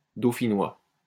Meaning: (adjective) of Dauphiné; Dauphinois; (noun) Dauphinois (the dialect)
- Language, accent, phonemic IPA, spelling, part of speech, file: French, France, /do.fi.nwa/, dauphinois, adjective / noun, LL-Q150 (fra)-dauphinois.wav